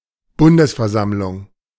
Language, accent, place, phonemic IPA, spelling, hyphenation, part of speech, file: German, Germany, Berlin, /ˈbʊndəsfɛɐ̯ˌzamlʊŋ/, Bundesversammlung, Bun‧des‧ver‧samm‧lung, noun, De-Bundesversammlung.ogg
- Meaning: A federal assembly, especially: the Federal Assembly of the Federal Republic of Germany, of the Republic of Austria, or of the Swiss Confederation